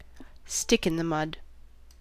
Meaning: 1. A person unwilling to participate in activities; a curmudgeon or party pooper 2. More generally, one who is slow, old-fashioned, or unprogressive; an old fogey
- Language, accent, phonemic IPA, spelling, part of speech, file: English, US, /ˈstɪk.ɪn.ðəˌmʌd/, stick in the mud, noun, En-us-stick in the mud.ogg